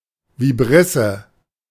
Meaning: vibrissa
- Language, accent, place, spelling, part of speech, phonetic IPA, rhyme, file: German, Germany, Berlin, Vibrisse, noun, [viˈbʁɪsə], -ɪsə, De-Vibrisse.ogg